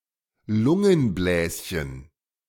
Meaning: alveolus
- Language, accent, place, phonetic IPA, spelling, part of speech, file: German, Germany, Berlin, [ˈlʊŋənˌblɛːsçən], Lungenbläschen, noun, De-Lungenbläschen.ogg